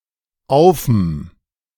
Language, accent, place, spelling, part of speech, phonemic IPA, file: German, Germany, Berlin, aufm, contraction, /ˈaʊ̯fm̩/, De-aufm.ogg
- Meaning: 1. auf + dem 2. auf + einem